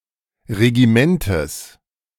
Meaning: genitive singular of Regiment
- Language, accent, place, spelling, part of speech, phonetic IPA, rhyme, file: German, Germany, Berlin, Regimentes, noun, [ʁeɡiˈmɛntəs], -ɛntəs, De-Regimentes.ogg